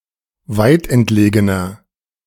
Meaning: 1. comparative degree of weitentlegen 2. inflection of weitentlegen: strong/mixed nominative masculine singular 3. inflection of weitentlegen: strong genitive/dative feminine singular
- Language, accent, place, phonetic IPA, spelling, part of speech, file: German, Germany, Berlin, [ˈvaɪ̯tʔɛntˌleːɡənɐ], weitentlegener, adjective, De-weitentlegener.ogg